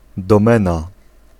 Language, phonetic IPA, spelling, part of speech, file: Polish, [dɔ̃ˈmɛ̃na], domena, noun, Pl-domena.ogg